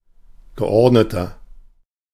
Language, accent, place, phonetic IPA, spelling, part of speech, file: German, Germany, Berlin, [ɡəˈʔɔʁdnətɐ], geordneter, adjective, De-geordneter.ogg
- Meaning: inflection of geordnet: 1. strong/mixed nominative masculine singular 2. strong genitive/dative feminine singular 3. strong genitive plural